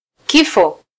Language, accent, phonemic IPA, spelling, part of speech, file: Swahili, Kenya, /ˈki.fɔ/, kifo, noun, Sw-ke-kifo.flac
- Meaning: death (cessation of life)